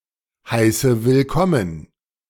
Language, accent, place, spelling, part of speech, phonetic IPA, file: German, Germany, Berlin, heiße willkommen, verb, [ˌhaɪ̯sə vɪlˈkɔmən], De-heiße willkommen.ogg
- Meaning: inflection of willkommen heißen: 1. first-person singular present 2. first/third-person singular subjunctive I 3. singular imperative